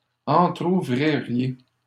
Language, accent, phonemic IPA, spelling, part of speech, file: French, Canada, /ɑ̃.tʁu.vʁi.ʁje/, entrouvririez, verb, LL-Q150 (fra)-entrouvririez.wav
- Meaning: second-person plural conditional of entrouvrir